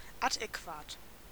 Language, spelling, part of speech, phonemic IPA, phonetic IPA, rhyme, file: German, adäquat, adjective, /adɛˈkvaːt/, [ʔadɛˈkvaːtʰ], -aːt, De-adäquat.ogg
- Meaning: adequate